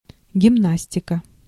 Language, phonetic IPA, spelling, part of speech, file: Russian, [ɡʲɪˈmnasʲtʲɪkə], гимнастика, noun, Ru-гимнастика.ogg
- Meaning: 1. gymnastics 2. physical exercises